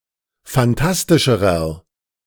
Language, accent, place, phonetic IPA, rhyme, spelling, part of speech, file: German, Germany, Berlin, [fanˈtastɪʃəʁɐ], -astɪʃəʁɐ, phantastischerer, adjective, De-phantastischerer.ogg
- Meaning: inflection of phantastisch: 1. strong/mixed nominative masculine singular comparative degree 2. strong genitive/dative feminine singular comparative degree 3. strong genitive plural comparative degree